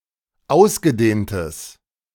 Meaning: strong/mixed nominative/accusative neuter singular of ausgedehnt
- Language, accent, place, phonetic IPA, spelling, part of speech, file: German, Germany, Berlin, [ˈaʊ̯sɡəˌdeːntəs], ausgedehntes, adjective, De-ausgedehntes.ogg